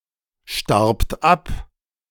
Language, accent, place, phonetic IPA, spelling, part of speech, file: German, Germany, Berlin, [ˌʃtaʁpt ˈap], starbt ab, verb, De-starbt ab.ogg
- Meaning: second-person plural preterite of absterben